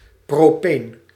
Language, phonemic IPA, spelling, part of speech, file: Dutch, /proːˈpeːn/, propeen, noun, Nl-propeen.ogg
- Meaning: propene